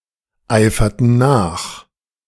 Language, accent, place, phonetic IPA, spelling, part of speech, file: German, Germany, Berlin, [ˌaɪ̯fɐtn̩ ˈnaːx], eiferten nach, verb, De-eiferten nach.ogg
- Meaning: inflection of nacheifern: 1. first/third-person plural preterite 2. first/third-person plural subjunctive II